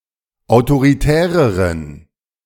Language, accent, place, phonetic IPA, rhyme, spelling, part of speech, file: German, Germany, Berlin, [aʊ̯toʁiˈtɛːʁəʁən], -ɛːʁəʁən, autoritäreren, adjective, De-autoritäreren.ogg
- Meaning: inflection of autoritär: 1. strong genitive masculine/neuter singular comparative degree 2. weak/mixed genitive/dative all-gender singular comparative degree